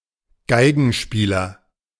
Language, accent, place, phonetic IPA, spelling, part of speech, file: German, Germany, Berlin, [ˈɡaɪ̯ɡn̩ˌʃpiːlɐ], Geigenspieler, noun, De-Geigenspieler.ogg
- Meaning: violin player, violinist (male or of unspecified sex)